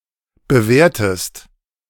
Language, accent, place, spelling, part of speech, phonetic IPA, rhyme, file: German, Germany, Berlin, bewertest, verb, [bəˈveːɐ̯təst], -eːɐ̯təst, De-bewertest.ogg
- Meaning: inflection of bewerten: 1. second-person singular present 2. second-person singular subjunctive I